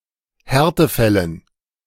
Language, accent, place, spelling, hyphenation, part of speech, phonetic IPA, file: German, Germany, Berlin, Härtefällen, Här‧te‧fäl‧len, noun, [ˈhɛʁtəˌfɛlən], De-Härtefällen.ogg
- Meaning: dative plural of Härtefall